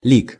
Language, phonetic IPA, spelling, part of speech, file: Russian, [lʲik], лик, noun, Ru-лик.ogg
- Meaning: 1. face 2. image or representation of a face on an icon